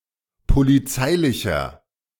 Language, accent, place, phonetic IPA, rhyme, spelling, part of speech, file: German, Germany, Berlin, [poliˈt͡saɪ̯lɪçɐ], -aɪ̯lɪçɐ, polizeilicher, adjective, De-polizeilicher.ogg
- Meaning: inflection of polizeilich: 1. strong/mixed nominative masculine singular 2. strong genitive/dative feminine singular 3. strong genitive plural